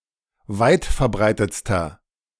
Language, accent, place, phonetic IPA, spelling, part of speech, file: German, Germany, Berlin, [ˈvaɪ̯tfɛɐ̯ˌbʁaɪ̯tət͡stɐ], weitverbreitetster, adjective, De-weitverbreitetster.ogg
- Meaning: inflection of weitverbreitet: 1. strong/mixed nominative masculine singular superlative degree 2. strong genitive/dative feminine singular superlative degree